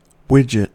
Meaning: A placeholder name for an unnamed, unspecified, or hypothetical manufactured good or product, typically as an example for purposes of explaining concepts
- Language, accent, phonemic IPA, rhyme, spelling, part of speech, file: English, US, /ˈwɪd͡ʒ.ɪt/, -ɪdʒɪt, widget, noun, En-us-widget.ogg